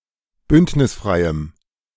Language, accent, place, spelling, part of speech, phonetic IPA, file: German, Germany, Berlin, bündnisfreiem, adjective, [ˈbʏntnɪsˌfʁaɪ̯əm], De-bündnisfreiem.ogg
- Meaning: strong dative masculine/neuter singular of bündnisfrei